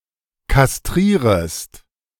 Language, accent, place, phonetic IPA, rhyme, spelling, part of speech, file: German, Germany, Berlin, [kasˈtʁiːʁəst], -iːʁəst, kastrierest, verb, De-kastrierest.ogg
- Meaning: second-person singular subjunctive I of kastrieren